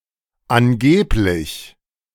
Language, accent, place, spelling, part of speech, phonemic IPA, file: German, Germany, Berlin, angeblich, adjective / adverb, /ˈanˌɡeːplɪç/, De-angeblich.ogg
- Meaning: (adjective) alleged, pretended, reported; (adverb) allegedly, supposedly, reportedly, reputedly